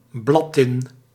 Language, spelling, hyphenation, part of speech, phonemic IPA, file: Dutch, bladtin, blad‧tin, noun, /ˈblɑ.tɪn/, Nl-bladtin.ogg
- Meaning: tin foil, sheet tin (tin in the shape of thin leaves)